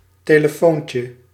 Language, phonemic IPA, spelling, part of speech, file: Dutch, /ˌteləˈfoɲcə/, telefoontje, noun, Nl-telefoontje.ogg
- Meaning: 1. diminutive of telefoon 2. telephone conversation